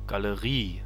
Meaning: gallery (all senses)
- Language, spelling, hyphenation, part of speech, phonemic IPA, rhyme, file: German, Galerie, Ga‧le‧rie, noun, /ɡaləˈʁiː/, -iː, De-Galerie.ogg